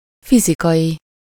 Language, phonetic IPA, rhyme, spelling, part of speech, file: Hungarian, [ˈfizikɒji], -ji, fizikai, adjective, Hu-fizikai.ogg
- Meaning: 1. physical (pertaining to physics) 2. physical (having to do with the material world) 3. physical (having to do with the body as opposed to the mind; corporeal, bodily)